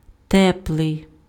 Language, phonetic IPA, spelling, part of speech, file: Ukrainian, [ˈtɛpɫei̯], теплий, adjective, Uk-теплий.ogg
- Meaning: warm